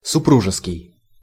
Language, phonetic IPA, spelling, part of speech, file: Russian, [sʊˈpruʐɨskʲɪj], супружеский, adjective, Ru-супружеский.ogg
- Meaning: matrimonial